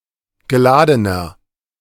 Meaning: inflection of geladen: 1. strong/mixed nominative masculine singular 2. strong genitive/dative feminine singular 3. strong genitive plural
- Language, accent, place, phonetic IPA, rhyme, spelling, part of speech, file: German, Germany, Berlin, [ɡəˈlaːdənɐ], -aːdənɐ, geladener, adjective, De-geladener.ogg